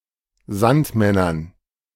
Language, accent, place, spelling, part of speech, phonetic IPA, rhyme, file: German, Germany, Berlin, Sandmännern, noun, [ˈzantˌmɛnɐn], -antmɛnɐn, De-Sandmännern.ogg
- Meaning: dative plural of Sandmann